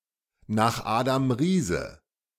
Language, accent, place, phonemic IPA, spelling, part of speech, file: German, Germany, Berlin, /na(ː)x ˈaːdam ˈʁiːzə/, nach Adam Riese, phrase, De-nach Adam Riese.ogg
- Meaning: calculating correctly, by the rules of mathematics